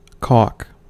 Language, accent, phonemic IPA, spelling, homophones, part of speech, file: English, US, /kɔk/, caulk, cork / cock / calc / calk / calque, noun / verb, En-us-caulk.ogg
- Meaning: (noun) 1. Caulking 2. A composition of vehicle and pigment used at ambient temperatures for filling/sealing joints or junctures, that remains elastic for an extended period of time after application